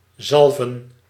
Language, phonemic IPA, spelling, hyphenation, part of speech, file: Dutch, /ˈzɑl.və(n)/, zalven, zal‧ven, verb / noun, Nl-zalven.ogg
- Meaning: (verb) to anoint; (noun) plural of zalf